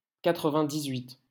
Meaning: ninety-eight
- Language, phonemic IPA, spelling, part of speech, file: French, /ka.tʁə.vɛ̃.di.zɥit/, quatre-vingt-dix-huit, numeral, LL-Q150 (fra)-quatre-vingt-dix-huit.wav